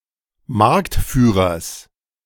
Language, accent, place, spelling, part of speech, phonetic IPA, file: German, Germany, Berlin, Marktführers, noun, [ˈmaʁktˌfyːʁɐs], De-Marktführers.ogg
- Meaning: genitive singular of Marktführer